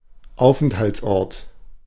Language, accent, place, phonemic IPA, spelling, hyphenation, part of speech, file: German, Germany, Berlin, /ˈaʊ̯fɛnthaltsˌɔʁt/, Aufenthaltsort, Auf‧ent‧halts‧ort, noun, De-Aufenthaltsort.ogg
- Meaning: whereabouts, place of residence